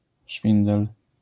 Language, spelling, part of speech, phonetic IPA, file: Polish, szwindel, noun, [ˈʃfʲĩndɛl], LL-Q809 (pol)-szwindel.wav